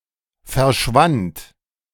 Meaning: first/third-person singular preterite of verschwinden
- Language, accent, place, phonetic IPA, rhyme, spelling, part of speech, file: German, Germany, Berlin, [fɛɐ̯ˈʃvant], -ant, verschwand, verb, De-verschwand.ogg